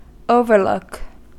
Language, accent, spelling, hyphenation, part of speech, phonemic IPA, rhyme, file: English, General American, overlook, over‧look, noun / verb, /ˈoʊvəɹˌlʊk/, -ʊk, En-us-overlook.ogg
- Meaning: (noun) A vista or point that gives a view down toward something else; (verb) To offer a view (of something) from a higher position